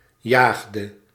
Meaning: inflection of jagen: 1. singular past indicative 2. singular past subjunctive
- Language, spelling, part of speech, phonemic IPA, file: Dutch, jaagde, verb, /ˈjaxdə/, Nl-jaagde.ogg